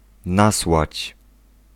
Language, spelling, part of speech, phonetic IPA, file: Polish, nasłać, verb, [ˈnaswat͡ɕ], Pl-nasłać.ogg